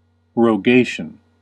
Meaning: 1. A deeply serious and somber prayer or entreaty 2. The demand, by the consuls or tribunes, of a law to be passed by the people; a proposed law or decree
- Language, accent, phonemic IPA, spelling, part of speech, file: English, US, /ɹoʊˈɡeɪ.ʃən/, rogation, noun, En-us-rogation.ogg